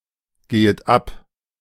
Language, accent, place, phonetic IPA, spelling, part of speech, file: German, Germany, Berlin, [ˌɡeːət ˈap], gehet ab, verb, De-gehet ab.ogg
- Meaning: second-person plural subjunctive I of abgehen